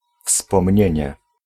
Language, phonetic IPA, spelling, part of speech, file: Polish, [fspɔ̃mʲˈɲɛ̇̃ɲɛ], wspomnienie, noun, Pl-wspomnienie.ogg